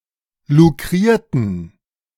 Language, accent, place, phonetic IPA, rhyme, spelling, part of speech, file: German, Germany, Berlin, [luˈkʁiːɐ̯tn̩], -iːɐ̯tn̩, lukrierten, adjective / verb, De-lukrierten.ogg
- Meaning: inflection of lukrieren: 1. first/third-person plural preterite 2. first/third-person plural subjunctive II